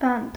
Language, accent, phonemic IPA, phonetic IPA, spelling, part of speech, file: Armenian, Eastern Armenian, /bɑnt/, [bɑnt], բանտ, noun, Hy-բանտ.ogg
- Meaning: prison, jail